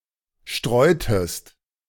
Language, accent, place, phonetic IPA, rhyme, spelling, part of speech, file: German, Germany, Berlin, [ˈʃtʁɔɪ̯təst], -ɔɪ̯təst, streutest, verb, De-streutest.ogg
- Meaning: inflection of streuen: 1. second-person singular preterite 2. second-person singular subjunctive II